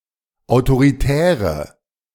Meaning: inflection of autoritär: 1. strong/mixed nominative/accusative feminine singular 2. strong nominative/accusative plural 3. weak nominative all-gender singular
- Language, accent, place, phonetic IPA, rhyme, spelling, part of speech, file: German, Germany, Berlin, [aʊ̯toʁiˈtɛːʁə], -ɛːʁə, autoritäre, adjective, De-autoritäre.ogg